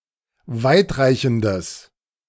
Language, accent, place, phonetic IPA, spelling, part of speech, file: German, Germany, Berlin, [ˈvaɪ̯tˌʁaɪ̯çn̩dəs], weitreichendes, adjective, De-weitreichendes.ogg
- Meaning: strong/mixed nominative/accusative neuter singular of weitreichend